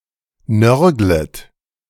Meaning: second-person plural subjunctive I of nörgeln
- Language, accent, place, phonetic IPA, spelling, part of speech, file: German, Germany, Berlin, [ˈnœʁɡlət], nörglet, verb, De-nörglet.ogg